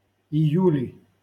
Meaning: nominative/accusative plural of ию́ль (ijúlʹ)
- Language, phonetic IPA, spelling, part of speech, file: Russian, [ɪˈjʉlʲɪ], июли, noun, LL-Q7737 (rus)-июли.wav